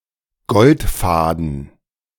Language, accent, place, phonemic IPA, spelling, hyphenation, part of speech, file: German, Germany, Berlin, /ˈɡɔltˌfaːdn̩/, Goldfaden, Gold‧fa‧den, noun, De-Goldfaden.ogg
- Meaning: gold thread